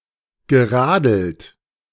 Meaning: past participle of radeln
- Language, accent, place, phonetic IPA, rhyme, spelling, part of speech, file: German, Germany, Berlin, [ɡəˈʁaːdl̩t], -aːdl̩t, geradelt, verb, De-geradelt.ogg